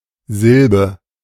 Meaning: 1. syllable 2. hyperbole for Wort (“word”) or Satz (“sentence”)
- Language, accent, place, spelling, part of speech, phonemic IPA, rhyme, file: German, Germany, Berlin, Silbe, noun, /ˈzɪl.bə/, -ɪlbə, De-Silbe.ogg